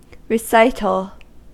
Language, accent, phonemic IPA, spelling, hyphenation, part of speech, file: English, US, /ɹɪˈsaɪtl̩/, recital, re‧cit‧al, noun, En-us-recital.ogg
- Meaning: 1. The act of reciting (the repetition of something that has been memorized); rehearsal 2. The act of telling the order of events of something in detail the order of events; narration